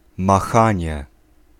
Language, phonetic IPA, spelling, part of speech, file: Polish, [maˈxãɲɛ], machanie, noun, Pl-machanie.ogg